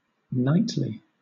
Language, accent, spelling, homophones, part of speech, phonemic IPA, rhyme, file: English, Southern England, knightly, nightly, adjective / adverb, /ˈnaɪtli/, -aɪtli, LL-Q1860 (eng)-knightly.wav
- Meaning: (adjective) 1. Of or pertaining to a knight or knights 2. Befitting a knight; formally courteous (as a knight); chivalrous, gallant and courtly; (adverb) In the manner of a knight; chivalrously